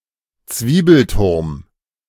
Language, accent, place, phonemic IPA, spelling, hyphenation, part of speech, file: German, Germany, Berlin, /ˈt͡sviːbl̩ˌtʊʁm/, Zwiebelturm, Zwie‧bel‧turm, noun, De-Zwiebelturm.ogg
- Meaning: onion dome (onion-shaped dome)